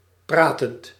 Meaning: present participle of praten
- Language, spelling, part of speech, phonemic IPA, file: Dutch, pratend, verb, /ˈpratənt/, Nl-pratend.ogg